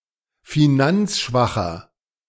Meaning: inflection of finanzschwach: 1. strong/mixed nominative masculine singular 2. strong genitive/dative feminine singular 3. strong genitive plural
- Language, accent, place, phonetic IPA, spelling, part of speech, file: German, Germany, Berlin, [fiˈnant͡sˌʃvaxɐ], finanzschwacher, adjective, De-finanzschwacher.ogg